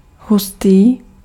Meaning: 1. dense 2. viscous 3. good, cool
- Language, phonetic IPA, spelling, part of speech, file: Czech, [ˈɦustiː], hustý, adjective, Cs-hustý.ogg